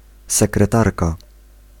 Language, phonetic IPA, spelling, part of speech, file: Polish, [ˌsɛkrɛˈtarka], sekretarka, noun, Pl-sekretarka.ogg